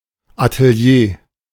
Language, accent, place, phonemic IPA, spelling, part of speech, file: German, Germany, Berlin, /atəˈli̯eː/, Atelier, noun, De-Atelier.ogg
- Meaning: studio (artist's or photographer's workshop)